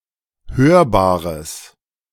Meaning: strong/mixed nominative/accusative neuter singular of hörbar
- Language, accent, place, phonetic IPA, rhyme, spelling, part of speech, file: German, Germany, Berlin, [ˈhøːɐ̯baːʁəs], -øːɐ̯baːʁəs, hörbares, adjective, De-hörbares.ogg